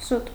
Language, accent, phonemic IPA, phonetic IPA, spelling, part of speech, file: Armenian, Eastern Armenian, /sut/, [sut], սուտ, noun / adjective, Hy-սուտ.ogg
- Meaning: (noun) lie, falsehood, untruth; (adjective) 1. false, counterfeit, mock 2. wrong 3. deceitful